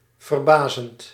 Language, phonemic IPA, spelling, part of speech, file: Dutch, /vərˈbazənt/, verbazend, verb / adjective, Nl-verbazend.ogg
- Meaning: present participle of verbazen